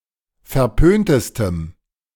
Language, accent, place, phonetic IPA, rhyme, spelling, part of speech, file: German, Germany, Berlin, [fɛɐ̯ˈpøːntəstəm], -øːntəstəm, verpöntestem, adjective, De-verpöntestem.ogg
- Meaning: strong dative masculine/neuter singular superlative degree of verpönt